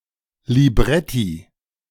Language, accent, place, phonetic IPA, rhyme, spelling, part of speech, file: German, Germany, Berlin, [liˈbʁɛti], -ɛti, Libretti, noun, De-Libretti.ogg
- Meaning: plural of Libretto